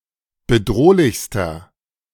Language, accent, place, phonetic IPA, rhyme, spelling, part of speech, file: German, Germany, Berlin, [bəˈdʁoːlɪçstɐ], -oːlɪçstɐ, bedrohlichster, adjective, De-bedrohlichster.ogg
- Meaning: inflection of bedrohlich: 1. strong/mixed nominative masculine singular superlative degree 2. strong genitive/dative feminine singular superlative degree 3. strong genitive plural superlative degree